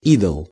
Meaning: 1. idol 2. callous person
- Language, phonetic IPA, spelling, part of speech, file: Russian, [ˈidəɫ], идол, noun, Ru-идол.ogg